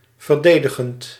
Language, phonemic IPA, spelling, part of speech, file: Dutch, /vərˈdedəɣənt/, verdedigend, verb / adjective, Nl-verdedigend.ogg
- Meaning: present participle of verdedigen